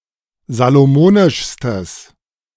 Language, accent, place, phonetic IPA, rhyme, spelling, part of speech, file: German, Germany, Berlin, [zaloˈmoːnɪʃstəs], -oːnɪʃstəs, salomonischstes, adjective, De-salomonischstes.ogg
- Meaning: strong/mixed nominative/accusative neuter singular superlative degree of salomonisch